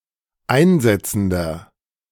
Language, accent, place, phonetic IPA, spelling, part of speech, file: German, Germany, Berlin, [ˈaɪ̯nˌzɛt͡sn̩dɐ], einsetzender, adjective, De-einsetzender.ogg
- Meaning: inflection of einsetzend: 1. strong/mixed nominative masculine singular 2. strong genitive/dative feminine singular 3. strong genitive plural